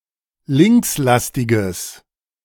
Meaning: strong/mixed nominative/accusative neuter singular of linkslastig
- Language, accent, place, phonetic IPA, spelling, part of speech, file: German, Germany, Berlin, [ˈlɪŋksˌlastɪɡəs], linkslastiges, adjective, De-linkslastiges.ogg